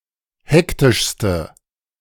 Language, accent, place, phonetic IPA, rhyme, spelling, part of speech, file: German, Germany, Berlin, [ˈhɛktɪʃstə], -ɛktɪʃstə, hektischste, adjective, De-hektischste.ogg
- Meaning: inflection of hektisch: 1. strong/mixed nominative/accusative feminine singular superlative degree 2. strong nominative/accusative plural superlative degree